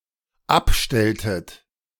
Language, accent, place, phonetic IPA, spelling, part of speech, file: German, Germany, Berlin, [ˈapˌʃtɛltət], abstelltet, verb, De-abstelltet.ogg
- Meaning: inflection of abstellen: 1. second-person plural dependent preterite 2. second-person plural dependent subjunctive II